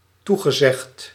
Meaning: past participle of toezeggen
- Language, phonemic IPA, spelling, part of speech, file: Dutch, /ˈtoɣəˌzɛxt/, toegezegd, verb / adjective, Nl-toegezegd.ogg